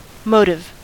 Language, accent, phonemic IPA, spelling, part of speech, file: English, US, /ˈmoʊtɪv/, motive, noun / verb / adjective, En-us-motive.ogg
- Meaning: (noun) An idea or communication that makes one want to act, especially from spiritual sources; a divine prompting